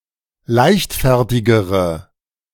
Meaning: inflection of leichtfertig: 1. strong/mixed nominative/accusative feminine singular comparative degree 2. strong nominative/accusative plural comparative degree
- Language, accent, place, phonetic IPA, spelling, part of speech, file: German, Germany, Berlin, [ˈlaɪ̯çtˌfɛʁtɪɡəʁə], leichtfertigere, adjective, De-leichtfertigere.ogg